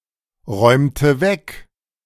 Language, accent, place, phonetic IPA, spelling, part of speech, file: German, Germany, Berlin, [ˌʁɔɪ̯mtə ˈvɛk], räumte weg, verb, De-räumte weg.ogg
- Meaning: inflection of wegräumen: 1. first/third-person singular preterite 2. first/third-person singular subjunctive II